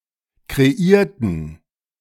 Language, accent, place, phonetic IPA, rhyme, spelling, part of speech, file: German, Germany, Berlin, [kʁeˈiːɐ̯tn̩], -iːɐ̯tn̩, kreierten, adjective / verb, De-kreierten.ogg
- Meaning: inflection of kreieren: 1. first/third-person plural preterite 2. first/third-person plural subjunctive II